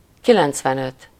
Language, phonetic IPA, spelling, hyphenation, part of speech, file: Hungarian, [ˈkilɛnt͡svɛnøt], kilencvenöt, ki‧lenc‧ven‧öt, numeral, Hu-kilencvenöt.ogg
- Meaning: ninety-five